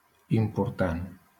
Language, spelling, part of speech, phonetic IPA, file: Catalan, important, adjective, [im.purˈtan], LL-Q7026 (cat)-important.wav
- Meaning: important